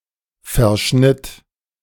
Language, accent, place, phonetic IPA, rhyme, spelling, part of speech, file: German, Germany, Berlin, [fɛɐ̯ˈʃnɪt], -ɪt, verschnitt, verb, De-verschnitt.ogg
- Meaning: first/third-person singular preterite of verschneiden